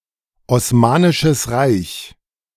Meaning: Ottoman Empire (a large former Turkish empire centered in modern Turkey that ruled over much of Southeastern Europe, West Asia and North Africa from 1299 to 1922)
- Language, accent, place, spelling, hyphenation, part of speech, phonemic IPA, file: German, Germany, Berlin, Osmanisches Reich, Os‧ma‧ni‧sches Reich, proper noun, /ɔsˈmaːnɪʃəs ʁaɪ̯ç/, De-Osmanisches Reich.ogg